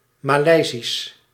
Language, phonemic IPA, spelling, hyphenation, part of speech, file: Dutch, /ˌmaːˈlɛi̯.zis/, Maleisisch, Ma‧lei‧sisch, adjective, Nl-Maleisisch.ogg
- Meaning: 1. Malaysian 2. Malay